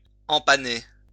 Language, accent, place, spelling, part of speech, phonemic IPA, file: French, France, Lyon, empanner, verb, /ɑ̃.pa.ne/, LL-Q150 (fra)-empanner.wav
- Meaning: to gybe